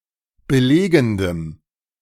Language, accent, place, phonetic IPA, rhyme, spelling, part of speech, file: German, Germany, Berlin, [bəˈleːɡn̩dəm], -eːɡn̩dəm, belegendem, adjective, De-belegendem.ogg
- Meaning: strong dative masculine/neuter singular of belegend